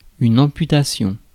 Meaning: amputation
- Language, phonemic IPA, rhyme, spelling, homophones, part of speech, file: French, /ɑ̃.py.ta.sjɔ̃/, -ɔ̃, amputation, amputations, noun, Fr-amputation.ogg